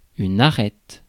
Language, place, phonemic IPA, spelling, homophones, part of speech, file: French, Paris, /a.ʁɛt/, arête, arêtes / arrête / arrêtes / arrêtent, noun, Fr-arête.ogg
- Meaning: 1. bone (of a fish), fishbone 2. edge (of an object); ridge, crest (of mountain) 3. groin (of vault) 4. bridge of nose 5. beard (of rye, barley etc.); awn 6. edge